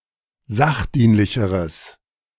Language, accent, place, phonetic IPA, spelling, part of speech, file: German, Germany, Berlin, [ˈzaxˌdiːnlɪçəʁəs], sachdienlicheres, adjective, De-sachdienlicheres.ogg
- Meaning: strong/mixed nominative/accusative neuter singular comparative degree of sachdienlich